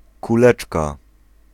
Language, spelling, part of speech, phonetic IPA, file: Polish, kuleczka, noun, [kuˈlɛt͡ʃka], Pl-kuleczka.ogg